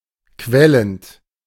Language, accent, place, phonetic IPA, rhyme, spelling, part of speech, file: German, Germany, Berlin, [ˈkvɛlənt], -ɛlənt, quellend, verb, De-quellend.ogg
- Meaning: present participle of quellen